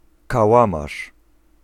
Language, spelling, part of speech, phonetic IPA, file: Polish, kałamarz, noun, [kaˈwãmaʃ], Pl-kałamarz.ogg